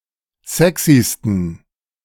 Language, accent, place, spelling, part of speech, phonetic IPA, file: German, Germany, Berlin, sexysten, adjective, [ˈzɛksistn̩], De-sexysten.ogg
- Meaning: 1. superlative degree of sexy 2. inflection of sexy: strong genitive masculine/neuter singular superlative degree